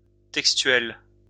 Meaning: textual
- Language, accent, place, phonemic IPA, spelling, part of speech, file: French, France, Lyon, /tɛk.stɥɛl/, textuel, adjective, LL-Q150 (fra)-textuel.wav